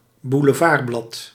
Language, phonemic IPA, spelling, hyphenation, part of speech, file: Dutch, /bu.ləˈvaːrˌblɑt/, boulevardblad, bou‧le‧vard‧blad, noun, Nl-boulevardblad.ogg
- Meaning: tabloid